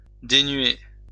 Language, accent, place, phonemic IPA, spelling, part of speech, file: French, France, Lyon, /de.nɥe/, dénuer, verb, LL-Q150 (fra)-dénuer.wav
- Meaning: to deprive